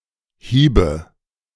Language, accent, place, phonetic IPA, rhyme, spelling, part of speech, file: German, Germany, Berlin, [ˈhiːbə], -iːbə, hiebe, verb, De-hiebe.ogg
- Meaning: first/third-person singular subjunctive II of hauen